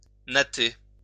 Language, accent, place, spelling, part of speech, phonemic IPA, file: French, France, Lyon, natter, verb, /na.te/, LL-Q150 (fra)-natter.wav
- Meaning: to plait; to braid